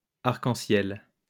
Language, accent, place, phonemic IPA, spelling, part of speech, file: French, France, Lyon, /aʁ.kɑ̃.sjɛl/, arcs-en-ciel, noun, LL-Q150 (fra)-arcs-en-ciel.wav
- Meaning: plural of arc-en-ciel